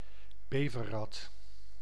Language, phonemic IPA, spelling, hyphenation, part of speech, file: Dutch, /ˈbeː.vəˌrɑt/, beverrat, be‧ver‧rat, noun, Nl-beverrat.ogg
- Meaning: coypu, member of the family Myocastoridae